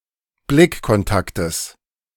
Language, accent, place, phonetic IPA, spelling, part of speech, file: German, Germany, Berlin, [ˈblɪkkɔnˌtaktəs], Blickkontaktes, noun, De-Blickkontaktes.ogg
- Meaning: genitive singular of Blickkontakt